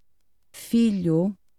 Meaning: 1. son (male offspring) 2. child (offspring of any sex) 3. term of address for a younger male; son 4. son; child (any descendant) 5. child (any person or thing heavily influenced by something else)
- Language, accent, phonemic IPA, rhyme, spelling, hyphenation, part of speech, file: Portuguese, Portugal, /ˈfi.ʎu/, -iʎu, filho, fi‧lho, noun, Pt-filho.ogg